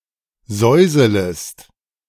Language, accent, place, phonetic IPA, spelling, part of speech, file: German, Germany, Berlin, [ˈzɔɪ̯zələst], säuselest, verb, De-säuselest.ogg
- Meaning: second-person singular subjunctive I of säuseln